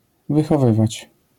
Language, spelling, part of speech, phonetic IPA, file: Polish, wychowywać, verb, [ˌvɨxɔˈvɨvat͡ɕ], LL-Q809 (pol)-wychowywać.wav